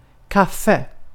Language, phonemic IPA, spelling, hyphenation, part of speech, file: Swedish, /²kafːɛ/, kaffe, kaf‧fe, noun, Sv-kaffe.ogg
- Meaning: coffee (a tree, its beans, a drink, a cup of coffee, a ceremony for serving coffee and bread)